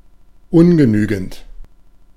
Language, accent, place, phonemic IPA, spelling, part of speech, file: German, Germany, Berlin, /ˈʊnɡəˌnyːɡn̩t/, ungenügend, adjective, De-ungenügend.ogg
- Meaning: 1. insufficient, inadequate 2. being of an academic grade not allowing to pass due to utter uselessness, F